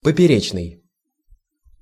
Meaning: 1. cross- 2. transverse, crosswise 3. lateral
- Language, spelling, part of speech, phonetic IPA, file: Russian, поперечный, adjective, [pəpʲɪˈrʲet͡ɕnɨj], Ru-поперечный.ogg